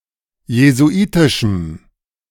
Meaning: strong dative masculine/neuter singular of jesuitisch
- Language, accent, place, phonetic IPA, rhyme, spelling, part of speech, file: German, Germany, Berlin, [jezuˈʔiːtɪʃm̩], -iːtɪʃm̩, jesuitischem, adjective, De-jesuitischem.ogg